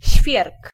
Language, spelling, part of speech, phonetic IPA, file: Polish, świerk, noun, [ɕfʲjɛrk], Pl-świerk.ogg